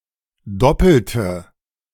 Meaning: inflection of doppelt: 1. strong/mixed nominative/accusative feminine singular 2. strong nominative/accusative plural 3. weak nominative all-gender singular 4. weak accusative feminine/neuter singular
- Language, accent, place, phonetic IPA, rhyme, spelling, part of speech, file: German, Germany, Berlin, [ˈdɔpl̩tə], -ɔpl̩tə, doppelte, adjective / verb, De-doppelte.ogg